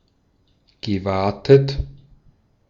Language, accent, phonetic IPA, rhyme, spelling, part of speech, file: German, Austria, [ɡəˈvaːtət], -aːtət, gewatet, verb, De-at-gewatet.ogg
- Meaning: past participle of waten